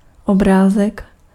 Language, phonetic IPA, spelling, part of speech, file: Czech, [ˈobraːzɛk], obrázek, noun, Cs-obrázek.ogg
- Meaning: 1. diminutive of obraz 2. figure (drawing) 3. illustration